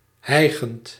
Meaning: present participle of hijgen
- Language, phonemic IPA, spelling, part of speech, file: Dutch, /ˈhɛiɣənt/, hijgend, verb / adjective, Nl-hijgend.ogg